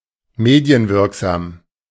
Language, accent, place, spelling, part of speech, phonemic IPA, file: German, Germany, Berlin, medienwirksam, adjective, /ˈmeːdi̯ənˌvɪʁkzaːm/, De-medienwirksam.ogg
- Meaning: effectively spread through the media